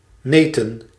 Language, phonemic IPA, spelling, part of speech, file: Dutch, /ˈnetə(n)/, neten, noun, Nl-neten.ogg
- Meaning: plural of neet